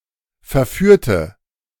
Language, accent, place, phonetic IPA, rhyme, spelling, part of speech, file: German, Germany, Berlin, [fɛɐ̯ˈfyːɐ̯tə], -yːɐ̯tə, verführte, adjective / verb, De-verführte.ogg
- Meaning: inflection of verführen: 1. first/third-person singular preterite 2. first/third-person singular subjunctive II